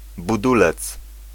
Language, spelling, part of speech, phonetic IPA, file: Polish, budulec, noun, [buˈdulɛt͡s], Pl-budulec.ogg